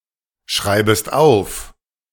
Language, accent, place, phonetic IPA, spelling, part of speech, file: German, Germany, Berlin, [ˌʃʁaɪ̯bəst ˈaʊ̯f], schreibest auf, verb, De-schreibest auf.ogg
- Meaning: second-person singular subjunctive I of aufschreiben